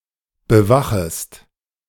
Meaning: second-person singular subjunctive I of bewachen
- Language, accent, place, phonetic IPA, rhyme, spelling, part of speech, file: German, Germany, Berlin, [bəˈvaxəst], -axəst, bewachest, verb, De-bewachest.ogg